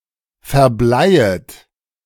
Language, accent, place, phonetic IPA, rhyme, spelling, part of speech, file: German, Germany, Berlin, [fɛɐ̯ˈblaɪ̯ət], -aɪ̯ət, verbleiet, verb, De-verbleiet.ogg
- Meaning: second-person plural subjunctive I of verbleien